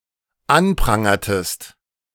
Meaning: inflection of anprangern: 1. second-person singular dependent preterite 2. second-person singular dependent subjunctive II
- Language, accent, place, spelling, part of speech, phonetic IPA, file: German, Germany, Berlin, anprangertest, verb, [ˈanˌpʁaŋɐtəst], De-anprangertest.ogg